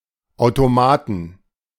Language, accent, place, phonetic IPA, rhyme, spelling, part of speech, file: German, Germany, Berlin, [aʊ̯toˈmaːtn̩], -aːtn̩, Automaten, noun, De-Automaten.ogg
- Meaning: inflection of Automat: 1. genitive/dative/accusative singular 2. all cases plural